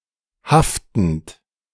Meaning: present participle of haften
- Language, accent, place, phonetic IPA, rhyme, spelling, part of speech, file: German, Germany, Berlin, [ˈhaftn̩t], -aftn̩t, haftend, verb, De-haftend.ogg